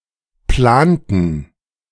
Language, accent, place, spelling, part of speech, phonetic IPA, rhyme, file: German, Germany, Berlin, planten, verb, [ˈplaːntn̩], -aːntn̩, De-planten.ogg
- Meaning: inflection of planen: 1. first/third-person plural preterite 2. first/third-person plural subjunctive II